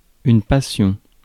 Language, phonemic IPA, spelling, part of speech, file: French, /pa.sjɔ̃/, passion, noun, Fr-passion.ogg
- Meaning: 1. Passion, suffering 2. passion, enthusiasm